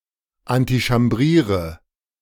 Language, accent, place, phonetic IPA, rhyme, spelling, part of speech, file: German, Germany, Berlin, [antiʃamˈbʁiːʁə], -iːʁə, antichambriere, verb, De-antichambriere.ogg
- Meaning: inflection of antichambrieren: 1. first-person singular present 2. singular imperative 3. first/third-person singular subjunctive I